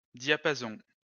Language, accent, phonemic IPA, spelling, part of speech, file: French, France, /dja.pa.zɔ̃/, diapason, noun, LL-Q150 (fra)-diapason.wav
- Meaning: 1. range, diapason 2. a tuning fork